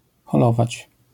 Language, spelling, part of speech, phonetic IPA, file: Polish, holować, verb, [xɔˈlɔvat͡ɕ], LL-Q809 (pol)-holować.wav